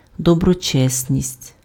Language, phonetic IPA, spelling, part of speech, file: Ukrainian, [dɔbrɔˈt͡ʃɛsʲnʲisʲtʲ], доброчесність, noun, Uk-доброчесність.ogg
- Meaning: virtue (excellence in morals)